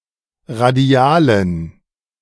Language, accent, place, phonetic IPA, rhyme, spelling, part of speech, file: German, Germany, Berlin, [ʁaˈdi̯aːlən], -aːlən, radialen, adjective, De-radialen.ogg
- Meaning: inflection of radial: 1. strong genitive masculine/neuter singular 2. weak/mixed genitive/dative all-gender singular 3. strong/weak/mixed accusative masculine singular 4. strong dative plural